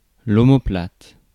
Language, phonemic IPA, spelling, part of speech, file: French, /ɔ.mɔ.plat/, omoplate, noun, Fr-omoplate.ogg
- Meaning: shoulder blade, scapula